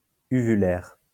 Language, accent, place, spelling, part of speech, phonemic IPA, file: French, France, Lyon, uvulaire, adjective, /y.vy.lɛʁ/, LL-Q150 (fra)-uvulaire.wav
- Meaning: uvular